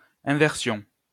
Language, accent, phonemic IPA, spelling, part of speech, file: French, France, /ɛ̃.vɛʁ.sjɔ̃/, inversion, noun, LL-Q150 (fra)-inversion.wav
- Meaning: 1. inversion 2. deviance (especially sexual)